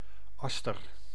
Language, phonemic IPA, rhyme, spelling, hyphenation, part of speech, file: Dutch, /ˈɑs.tər/, -ɑstər, aster, as‧ter, noun, Nl-aster.ogg
- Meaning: 1. aster, flowering plant of the genus Aster 2. a flower from this plant